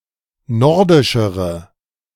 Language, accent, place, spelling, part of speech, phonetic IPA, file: German, Germany, Berlin, nordischere, adjective, [ˈnɔʁdɪʃəʁə], De-nordischere.ogg
- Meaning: inflection of nordisch: 1. strong/mixed nominative/accusative feminine singular comparative degree 2. strong nominative/accusative plural comparative degree